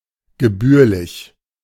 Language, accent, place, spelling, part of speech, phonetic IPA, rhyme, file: German, Germany, Berlin, gebührlich, adjective, [ɡəˈbyːɐ̯lɪç], -yːɐ̯lɪç, De-gebührlich.ogg
- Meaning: appropriate, proper, due